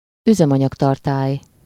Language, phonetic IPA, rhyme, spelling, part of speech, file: Hungarian, [ˈyzɛmɒɲɒktɒrtaːj], -aːj, üzemanyagtartály, noun, Hu-üzemanyagtartály.ogg
- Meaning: fuel tank